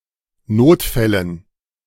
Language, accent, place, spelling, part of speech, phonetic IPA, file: German, Germany, Berlin, Notfällen, noun, [ˈnoːtˌfɛlən], De-Notfällen.ogg
- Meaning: dative plural of Notfall